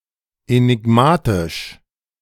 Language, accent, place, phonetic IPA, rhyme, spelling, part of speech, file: German, Germany, Berlin, [enɪˈɡmaːtɪʃ], -aːtɪʃ, enigmatisch, adjective, De-enigmatisch.ogg
- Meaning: enigmatic